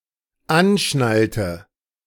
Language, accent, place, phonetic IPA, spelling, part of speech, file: German, Germany, Berlin, [ˈanˌʃnaltə], anschnallte, verb, De-anschnallte.ogg
- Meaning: inflection of anschnallen: 1. first/third-person singular dependent preterite 2. first/third-person singular dependent subjunctive II